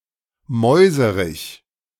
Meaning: male mouse
- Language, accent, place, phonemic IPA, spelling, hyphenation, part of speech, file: German, Germany, Berlin, /ˈmɔɪ̯zəʁɪç/, Mäuserich, Mäu‧se‧rich, noun, De-Mäuserich.ogg